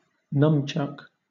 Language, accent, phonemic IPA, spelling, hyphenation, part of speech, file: English, Southern England, /ˈnʌmt͡ʃʌk/, numchuck, num‧chuck, noun, LL-Q1860 (eng)-numchuck.wav
- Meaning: Synonym of nunchaku